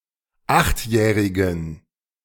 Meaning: inflection of achtjährig: 1. strong genitive masculine/neuter singular 2. weak/mixed genitive/dative all-gender singular 3. strong/weak/mixed accusative masculine singular 4. strong dative plural
- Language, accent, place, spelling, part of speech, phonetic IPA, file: German, Germany, Berlin, achtjährigen, adjective, [ˈaxtˌjɛːʁɪɡn̩], De-achtjährigen.ogg